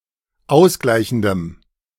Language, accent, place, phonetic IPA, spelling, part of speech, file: German, Germany, Berlin, [ˈaʊ̯sˌɡlaɪ̯çn̩dəm], ausgleichendem, adjective, De-ausgleichendem.ogg
- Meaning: strong dative masculine/neuter singular of ausgleichend